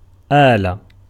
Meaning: 1. instrument, utensil 2. tool, apparatus, implement 3. device, appliance, machine
- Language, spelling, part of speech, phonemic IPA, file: Arabic, آلة, noun, /ʔaː.la/, Ar-آلة.ogg